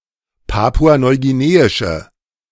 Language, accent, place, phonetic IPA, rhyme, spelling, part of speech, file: German, Germany, Berlin, [ˌpaːpuanɔɪ̯ɡiˈneːɪʃə], -eːɪʃə, papua-neuguineische, adjective, De-papua-neuguineische.ogg
- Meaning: inflection of papua-neuguineisch: 1. strong/mixed nominative/accusative feminine singular 2. strong nominative/accusative plural 3. weak nominative all-gender singular